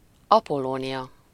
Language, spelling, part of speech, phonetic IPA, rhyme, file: Hungarian, Apollónia, proper noun, [ˈɒpolːoːnijɒ], -jɒ, Hu-Apollónia.ogg
- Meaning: a female given name